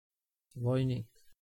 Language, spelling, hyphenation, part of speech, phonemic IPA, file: Serbo-Croatian, vojnik, voj‧nik, noun, /ʋǒjniːk/, Sr-Vojnik.ogg
- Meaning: 1. soldier 2. private (rank) 3. private first class